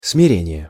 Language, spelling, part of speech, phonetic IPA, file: Russian, смирение, noun, [smʲɪˈrʲenʲɪje], Ru-смирение.ogg
- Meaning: humility, meekness; humbleness; resignation (state of uncomplaining)